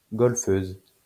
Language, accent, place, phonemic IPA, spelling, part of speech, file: French, France, Lyon, /ɡɔl.føz/, golfeuse, noun, LL-Q150 (fra)-golfeuse.wav
- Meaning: female equivalent of golfeur